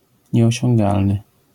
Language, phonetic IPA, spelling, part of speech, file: Polish, [ˌɲɛɔɕɔ̃ŋˈɡalnɨ], nieosiągalny, adjective, LL-Q809 (pol)-nieosiągalny.wav